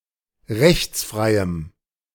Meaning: strong dative masculine/neuter singular of rechtsfrei
- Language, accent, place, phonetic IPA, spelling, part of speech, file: German, Germany, Berlin, [ˈʁɛçt͡sˌfʁaɪ̯əm], rechtsfreiem, adjective, De-rechtsfreiem.ogg